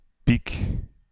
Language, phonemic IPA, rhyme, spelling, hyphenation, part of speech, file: Dutch, /pik/, -ik, piek, piek, noun / verb, Nl-piek.ogg
- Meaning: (noun) 1. a highest point; a peak 2. a summit, a peak, the highest point of a mountain 3. a pike (polearm) 4. a spire tree-topper for a Christmas tree 5. a guilder (comparable to buck, quid)